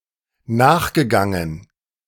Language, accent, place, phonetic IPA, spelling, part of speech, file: German, Germany, Berlin, [ˈnaːxɡəˌɡaŋən], nachgegangen, verb, De-nachgegangen.ogg
- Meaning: past participle of nachgehen